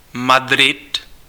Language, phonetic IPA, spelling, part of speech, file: Czech, [ˈmadrɪt], Madrid, proper noun, Cs-Madrid.ogg
- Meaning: 1. Madrid (the capital city of Spain) 2. Madrid, Community of Madrid (an autonomous community of Spain) 3. Madrid (a province of the Community of Madrid, Spain)